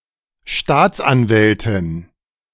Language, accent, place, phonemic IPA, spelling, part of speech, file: German, Germany, Berlin, /ˈʃtaːtsʔanvɛltɪn/, Staatsanwältin, noun, De-Staatsanwältin.ogg
- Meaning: a female prosecutor